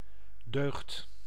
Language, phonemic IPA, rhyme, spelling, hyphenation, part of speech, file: Dutch, /døːxt/, -øːxt, deugd, deugd, noun, Nl-deugd.ogg
- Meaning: virtue